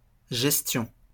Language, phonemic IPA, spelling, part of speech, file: French, /ʒɛs.tjɔ̃/, gestion, noun, LL-Q150 (fra)-gestion.wav
- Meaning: 1. administration 2. management, control